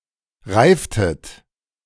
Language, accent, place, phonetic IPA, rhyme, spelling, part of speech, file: German, Germany, Berlin, [ˈʁaɪ̯ftət], -aɪ̯ftət, reiftet, verb, De-reiftet.ogg
- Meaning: inflection of reifen: 1. second-person plural preterite 2. second-person plural subjunctive II